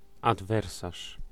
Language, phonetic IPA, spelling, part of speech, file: Polish, [adˈvɛrsaʃ], adwersarz, noun, Pl-adwersarz.ogg